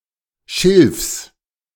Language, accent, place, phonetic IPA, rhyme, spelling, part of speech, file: German, Germany, Berlin, [ʃɪlfs], -ɪlfs, Schilfs, noun, De-Schilfs.ogg
- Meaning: genitive of Schilf